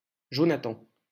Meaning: 1. Jonathan (Biblical character) 2. a male given name
- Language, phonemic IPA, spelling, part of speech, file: French, /ʒɔ.na.tɑ̃/, Jonathan, proper noun, LL-Q150 (fra)-Jonathan.wav